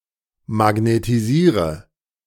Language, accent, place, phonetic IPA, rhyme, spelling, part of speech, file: German, Germany, Berlin, [maɡnetiˈziːʁə], -iːʁə, magnetisiere, verb, De-magnetisiere.ogg
- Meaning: inflection of magnetisieren: 1. first-person singular present 2. first/third-person singular subjunctive I 3. singular imperative